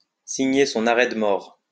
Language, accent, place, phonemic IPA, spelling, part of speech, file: French, France, Lyon, /si.ɲe sɔ̃.n‿a.ʁɛ d(ə) mɔʁ/, signer son arrêt de mort, verb, LL-Q150 (fra)-signer son arrêt de mort.wav
- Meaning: to sign one's death warrant